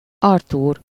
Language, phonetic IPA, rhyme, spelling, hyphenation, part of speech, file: Hungarian, [ˈɒrtuːr], -uːr, Artúr, Ar‧túr, proper noun, Hu-Artúr.ogg
- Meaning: a male given name, equivalent to English Arthur